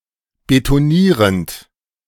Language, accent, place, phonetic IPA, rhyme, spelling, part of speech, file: German, Germany, Berlin, [betoˈniːʁənt], -iːʁənt, betonierend, verb, De-betonierend.ogg
- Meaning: present participle of betonieren